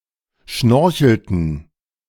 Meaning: inflection of schnorcheln: 1. first/third-person plural preterite 2. first/third-person plural subjunctive II
- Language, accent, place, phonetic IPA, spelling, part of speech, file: German, Germany, Berlin, [ˈʃnɔʁçl̩tn̩], schnorchelten, verb, De-schnorchelten.ogg